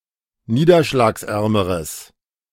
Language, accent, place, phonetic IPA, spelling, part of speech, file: German, Germany, Berlin, [ˈniːdɐʃlaːksˌʔɛʁməʁəs], niederschlagsärmeres, adjective, De-niederschlagsärmeres.ogg
- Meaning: strong/mixed nominative/accusative neuter singular comparative degree of niederschlagsarm